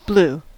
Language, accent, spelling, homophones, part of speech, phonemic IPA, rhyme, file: English, US, blue, blew, adjective / noun / verb, /blu/, -uː, En-us-blue.ogg
- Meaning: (adjective) 1. Of a blue hue 2. Depressed, melancholic, sad 3. Having a bluish or purplish shade to the skin due to a lack of oxygen to the normally deep-red red blood cells; cyanotic